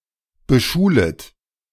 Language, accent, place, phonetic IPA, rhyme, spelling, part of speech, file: German, Germany, Berlin, [bəˈʃuːlət], -uːlət, beschulet, verb, De-beschulet.ogg
- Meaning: second-person plural subjunctive I of beschulen